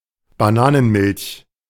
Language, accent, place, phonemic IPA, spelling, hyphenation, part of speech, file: German, Germany, Berlin, /baˈnaːnənˌmɪlç/, Bananenmilch, Ba‧na‧nen‧milch, noun, De-Bananenmilch.ogg
- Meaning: banana milk (milk into which bananas have been puréed)